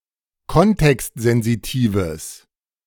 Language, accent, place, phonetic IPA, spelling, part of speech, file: German, Germany, Berlin, [ˈkɔntɛkstzɛnziˌtiːvəs], kontextsensitives, adjective, De-kontextsensitives.ogg
- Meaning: strong/mixed nominative/accusative neuter singular of kontextsensitiv